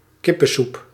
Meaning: chicken soup
- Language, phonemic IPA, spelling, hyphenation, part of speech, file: Dutch, /ˈkɪ.pə(n)ˌsup/, kippensoep, kip‧pen‧soep, noun, Nl-kippensoep.ogg